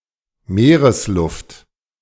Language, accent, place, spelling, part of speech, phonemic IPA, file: German, Germany, Berlin, Meeresluft, noun, /ˈmeːʁəsˌlʊft/, De-Meeresluft.ogg
- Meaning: sea air, maritime air